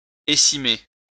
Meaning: to pollard, to prune a tree's top to improve the growth of its lower parts
- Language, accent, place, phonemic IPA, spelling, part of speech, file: French, France, Lyon, /e.si.me/, écimer, verb, LL-Q150 (fra)-écimer.wav